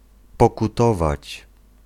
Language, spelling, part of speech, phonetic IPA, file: Polish, pokutować, verb, [ˌpɔkuˈtɔvat͡ɕ], Pl-pokutować.ogg